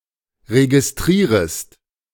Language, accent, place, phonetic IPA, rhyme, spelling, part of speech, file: German, Germany, Berlin, [ʁeɡɪsˈtʁiːʁəst], -iːʁəst, registrierest, verb, De-registrierest.ogg
- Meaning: second-person singular subjunctive I of registrieren